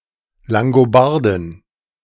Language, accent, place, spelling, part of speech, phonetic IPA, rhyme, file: German, Germany, Berlin, Langobardin, noun, [laŋɡoˈbaʁdɪn], -aʁdɪn, De-Langobardin.ogg
- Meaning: female equivalent of Langobarde: female Lombard, Langobard (female from the tribe of the Lombards)